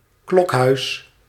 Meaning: 1. the core (central part) of some fruit, containing the kernels or seeds 2. a construction (building or part) which houses (a) bell(s) and/or where they are rung or cast (made)
- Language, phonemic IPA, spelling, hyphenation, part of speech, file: Dutch, /ˈklɔk.ɦœy̯s/, klokhuis, klok‧huis, noun, Nl-klokhuis.ogg